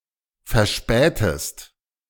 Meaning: inflection of verspäten: 1. second-person singular present 2. second-person singular subjunctive I
- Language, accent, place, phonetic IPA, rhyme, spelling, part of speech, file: German, Germany, Berlin, [fɛɐ̯ˈʃpɛːtəst], -ɛːtəst, verspätest, verb, De-verspätest.ogg